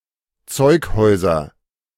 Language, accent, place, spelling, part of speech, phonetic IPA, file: German, Germany, Berlin, Zeughäuser, noun, [ˈt͡sɔɪ̯kˌhɔɪ̯zɐ], De-Zeughäuser.ogg
- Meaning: nominative/accusative/genitive plural of Zeughaus